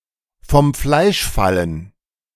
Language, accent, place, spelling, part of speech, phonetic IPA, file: German, Germany, Berlin, vom Fleisch fallen, phrase, [fɔm flaɪ̯ʃ ˈfalən], De-vom Fleisch fallen.ogg
- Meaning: to become skin and bones